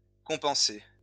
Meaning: past participle of compenser
- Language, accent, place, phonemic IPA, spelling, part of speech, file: French, France, Lyon, /kɔ̃.pɑ̃.se/, compensé, verb, LL-Q150 (fra)-compensé.wav